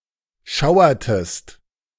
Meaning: inflection of schauern: 1. second-person singular preterite 2. second-person singular subjunctive II
- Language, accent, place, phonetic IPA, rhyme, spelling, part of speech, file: German, Germany, Berlin, [ˈʃaʊ̯ɐtəst], -aʊ̯ɐtəst, schauertest, verb, De-schauertest.ogg